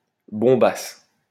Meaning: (noun) a stunner; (verb) first-person singular imperfect subjunctive of bomber
- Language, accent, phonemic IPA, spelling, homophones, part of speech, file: French, France, /bɔ̃.bas/, bombasse, bombasses / bombassent, noun / verb, LL-Q150 (fra)-bombasse.wav